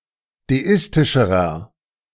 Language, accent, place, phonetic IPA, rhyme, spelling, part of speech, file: German, Germany, Berlin, [deˈɪstɪʃəʁɐ], -ɪstɪʃəʁɐ, deistischerer, adjective, De-deistischerer.ogg
- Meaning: inflection of deistisch: 1. strong/mixed nominative masculine singular comparative degree 2. strong genitive/dative feminine singular comparative degree 3. strong genitive plural comparative degree